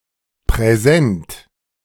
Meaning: gift, present (something given to another voluntarily, without charge)
- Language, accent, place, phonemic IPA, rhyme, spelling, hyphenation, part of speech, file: German, Germany, Berlin, /prɛˈzɛnt/, -ɛnt, Präsent, Prä‧sent, noun, De-Präsent.ogg